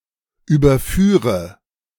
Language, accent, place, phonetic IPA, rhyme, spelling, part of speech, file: German, Germany, Berlin, [ˌyːbɐˈfyːʁə], -yːʁə, überführe, verb, De-überführe.ogg
- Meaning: inflection of überführen: 1. first-person singular present 2. first/third-person singular subjunctive I 3. singular imperative